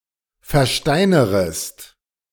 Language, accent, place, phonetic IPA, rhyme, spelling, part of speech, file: German, Germany, Berlin, [fɛɐ̯ˈʃtaɪ̯nəʁəst], -aɪ̯nəʁəst, versteinerest, verb, De-versteinerest.ogg
- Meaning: second-person singular subjunctive I of versteinern